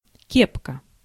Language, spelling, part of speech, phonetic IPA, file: Russian, кепка, noun, [ˈkʲepkə], Ru-кепка.ogg
- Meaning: 1. soft, billed hat (usually for a male) 2. peaked cap